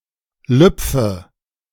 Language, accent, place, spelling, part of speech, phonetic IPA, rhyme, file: German, Germany, Berlin, lüpfe, verb, [ˈlʏp͡fə], -ʏp͡fə, De-lüpfe.ogg
- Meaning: inflection of lüpfen: 1. first-person singular present 2. first/third-person singular subjunctive I 3. singular imperative